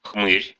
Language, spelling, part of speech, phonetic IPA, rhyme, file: Russian, хмырь, noun, [xmɨrʲ], -ɨrʲ, Ru-хмырь.ogg
- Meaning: creep, weirdo, scumbag (a strange, unpleasant, sly, or pitiful man)